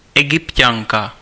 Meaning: female Egyptian
- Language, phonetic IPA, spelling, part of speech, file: Czech, [ˈɛɡɪpcaŋka], Egypťanka, noun, Cs-Egypťanka.ogg